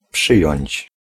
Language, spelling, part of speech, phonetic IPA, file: Polish, przyjąć, verb, [ˈpʃɨjɔ̇̃ɲt͡ɕ], Pl-przyjąć.ogg